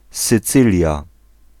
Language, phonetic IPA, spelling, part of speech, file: Polish, [sɨˈt͡sɨlʲja], Sycylia, proper noun, Pl-Sycylia.ogg